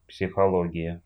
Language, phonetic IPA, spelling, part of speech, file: Russian, [psʲɪxɐˈɫoɡʲɪjə], психология, noun, Ru-психоло́гия.ogg
- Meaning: psychology